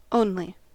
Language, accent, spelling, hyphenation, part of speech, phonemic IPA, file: English, US, only, on‧ly, adjective / adverb / conjunction / noun / particle, /ˈoʊn.li/, En-us-only.ogg
- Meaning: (adjective) 1. Alone in a category 2. Singularly superior; the best 3. Without sibling; without a sibling of the same gender 4. Mere; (adverb) Without others or anything further; exclusively